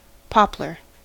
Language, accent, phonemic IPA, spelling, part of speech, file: English, US, /ˈpɑ.plɚ/, poplar, noun, En-us-poplar.ogg
- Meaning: 1. Any of various deciduous trees of the genus Populus 2. Wood from the poplar tree